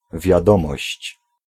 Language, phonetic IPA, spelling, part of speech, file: Polish, [vʲjaˈdɔ̃mɔɕt͡ɕ], wiadomość, noun, Pl-wiadomość.ogg